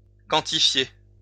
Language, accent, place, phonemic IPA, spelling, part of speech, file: French, France, Lyon, /kɑ̃.ti.fje/, quantifier, verb, LL-Q150 (fra)-quantifier.wav
- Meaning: to quantify